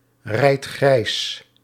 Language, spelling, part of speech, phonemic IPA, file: Dutch, rijdt grijs, verb, /ˈrɛit ˈɣrɛis/, Nl-rijdt grijs.ogg
- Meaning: inflection of grijsrijden: 1. second/third-person singular present indicative 2. plural imperative